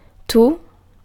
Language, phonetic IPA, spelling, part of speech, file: Italian, [tu], tu, pronoun, It-tu.ogg